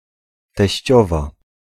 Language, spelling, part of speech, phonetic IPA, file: Polish, teściowa, noun / adjective, [tɛɕˈt͡ɕɔva], Pl-teściowa.ogg